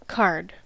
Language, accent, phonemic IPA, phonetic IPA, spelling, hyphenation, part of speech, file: English, US, /kɑɹd/, [kʰɑɹd], card, card, noun / verb, En-us-card.ogg
- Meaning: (noun) 1. A playing card 2. Any game using playing cards; a card game 3. A resource or argument, used to achieve a purpose. (See play the something card.)